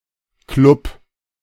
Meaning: 1. alternative spelling of Club 2. The continuation of a political party in the National Council of Austria and the parliament of an Austrian federal state, in other parliaments called Fraktion
- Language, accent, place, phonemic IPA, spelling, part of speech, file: German, Germany, Berlin, /klʊp/, Klub, noun, De-Klub.ogg